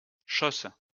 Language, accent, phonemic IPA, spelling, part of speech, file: French, France, /ʃos/, chausse, noun / verb, LL-Q150 (fra)-chausse.wav
- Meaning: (noun) 1. stockings; hose; cloth tube(s) that go up to the top of the thighs 2. straining bag, filter cloth (for wine)